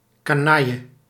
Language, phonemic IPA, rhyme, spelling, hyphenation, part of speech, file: Dutch, /kaːˈnɑ.jə/, -ɑjə, canaille, ca‧nail‧le, noun, Nl-canaille.ogg
- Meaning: 1. plebs, scum, riffraff 2. rascal, jerk, scumbag